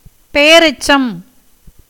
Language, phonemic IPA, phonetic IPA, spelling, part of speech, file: Tamil, /pɛjɐɾɛtʃtʃɐm/, [pe̞jɐɾe̞ssɐm], பெயரெச்சம், noun, Ta-பெயரெச்சம்.ogg
- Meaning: relative participle, as requiring a noun to complete the sense